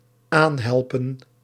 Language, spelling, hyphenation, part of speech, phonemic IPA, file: Dutch, aanhelpen, aan‧hel‧pen, verb, /ˈaːnˌɦɛl.pə(n)/, Nl-aanhelpen.ogg
- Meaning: 1. to help put on, to aid with dressing 2. to provide with